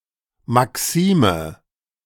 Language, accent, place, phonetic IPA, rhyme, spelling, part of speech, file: German, Germany, Berlin, [maˈksiːmə], -iːmə, Maxime, noun, De-Maxime.ogg
- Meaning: maxim